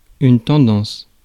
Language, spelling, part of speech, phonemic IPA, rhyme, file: French, tendance, noun, /tɑ̃.dɑ̃s/, -ɑ̃s, Fr-tendance.ogg
- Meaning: tendency, propensity